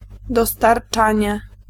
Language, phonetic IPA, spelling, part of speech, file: Polish, [ˌdɔstarˈt͡ʃãɲɛ], dostarczanie, noun, Pl-dostarczanie.ogg